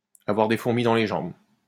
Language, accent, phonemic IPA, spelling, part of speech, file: French, France, /a.vwaʁ de fuʁ.mi dɑ̃ le ʒɑ̃b/, avoir des fourmis dans les jambes, verb, LL-Q150 (fra)-avoir des fourmis dans les jambes.wav
- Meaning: to have pins and needles in one's legs